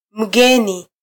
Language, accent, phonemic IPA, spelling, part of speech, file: Swahili, Kenya, /m̩ˈɠɛ.ni/, mgeni, noun / adjective, Sw-ke-mgeni.flac
- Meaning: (noun) 1. foreigner 2. stranger 3. guest, visitor